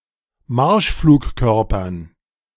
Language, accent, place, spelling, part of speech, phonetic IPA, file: German, Germany, Berlin, Marschflugkörpern, noun, [ˈmaʁʃfluːkˌkœʁpɐn], De-Marschflugkörpern.ogg
- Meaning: dative plural of Marschflugkörper